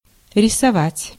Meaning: 1. to draw, to design 2. to paint
- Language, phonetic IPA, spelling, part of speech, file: Russian, [rʲɪsɐˈvatʲ], рисовать, verb, Ru-рисовать.ogg